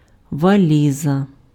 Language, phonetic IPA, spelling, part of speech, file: Ukrainian, [ʋɐˈlʲizɐ], валіза, noun, Uk-валіза.ogg
- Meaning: suitcase